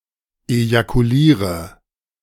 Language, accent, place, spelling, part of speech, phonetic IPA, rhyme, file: German, Germany, Berlin, ejakuliere, verb, [ejakuˈliːʁə], -iːʁə, De-ejakuliere.ogg
- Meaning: inflection of ejakulieren: 1. first-person singular present 2. first/third-person singular subjunctive I 3. singular imperative